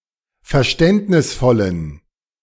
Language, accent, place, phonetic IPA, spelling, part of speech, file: German, Germany, Berlin, [fɛɐ̯ˈʃtɛntnɪsfɔlən], verständnisvollen, adjective, De-verständnisvollen.ogg
- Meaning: inflection of verständnisvoll: 1. strong genitive masculine/neuter singular 2. weak/mixed genitive/dative all-gender singular 3. strong/weak/mixed accusative masculine singular 4. strong dative plural